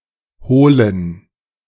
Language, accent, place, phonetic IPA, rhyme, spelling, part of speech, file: German, Germany, Berlin, [ˈhoːlən], -oːlən, hohlen, adjective, De-hohlen.ogg
- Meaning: inflection of hohl: 1. strong genitive masculine/neuter singular 2. weak/mixed genitive/dative all-gender singular 3. strong/weak/mixed accusative masculine singular 4. strong dative plural